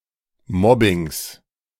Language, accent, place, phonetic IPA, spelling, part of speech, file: German, Germany, Berlin, [ˈmɔbɪŋs], Mobbings, noun, De-Mobbings.ogg
- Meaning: genitive singular of Mobbing